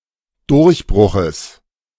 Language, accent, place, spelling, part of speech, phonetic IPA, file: German, Germany, Berlin, Durchbruches, noun, [ˈdʊʁçˌbʁʊxəs], De-Durchbruches.ogg
- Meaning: genitive singular of Durchbruch